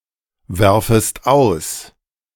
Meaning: second-person singular subjunctive I of auswerfen
- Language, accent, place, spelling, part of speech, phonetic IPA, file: German, Germany, Berlin, werfest aus, verb, [ˌvɛʁfəst ˈaʊ̯s], De-werfest aus.ogg